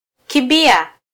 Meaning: 1. to run 2. to flee
- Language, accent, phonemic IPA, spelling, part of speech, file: Swahili, Kenya, /kiˈᵐbi.ɑ/, kimbia, verb, Sw-ke-kimbia.flac